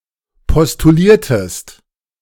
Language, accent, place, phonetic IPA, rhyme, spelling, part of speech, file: German, Germany, Berlin, [pɔstuˈliːɐ̯təst], -iːɐ̯təst, postuliertest, verb, De-postuliertest.ogg
- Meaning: inflection of postulieren: 1. second-person singular preterite 2. second-person singular subjunctive II